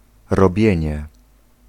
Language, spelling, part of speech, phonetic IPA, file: Polish, robienie, noun, [rɔˈbʲjɛ̇̃ɲɛ], Pl-robienie.ogg